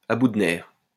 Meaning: at the end of one's tether, at the end of one's rope, at one's wit's end
- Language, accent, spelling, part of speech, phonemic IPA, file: French, France, à bout de nerfs, adjective, /a bu d(ə) nɛʁ/, LL-Q150 (fra)-à bout de nerfs.wav